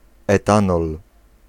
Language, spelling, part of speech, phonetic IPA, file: Polish, etanol, noun, [ɛˈtãnɔl], Pl-etanol.ogg